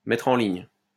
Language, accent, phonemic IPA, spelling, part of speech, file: French, France, /mɛtʁ ɑ̃ liɲ/, mettre en ligne, verb, LL-Q150 (fra)-mettre en ligne.wav
- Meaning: 1. to tidy up, to align 2. to upload